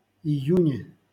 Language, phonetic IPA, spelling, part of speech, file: Russian, [ɪˈjʉnʲe], июне, noun, LL-Q7737 (rus)-июне.wav
- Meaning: prepositional singular of ию́нь (ijúnʹ)